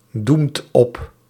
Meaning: inflection of opdoemen: 1. second/third-person singular present indicative 2. plural imperative
- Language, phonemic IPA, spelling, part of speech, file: Dutch, /ˈdumt ˈɔp/, doemt op, verb, Nl-doemt op.ogg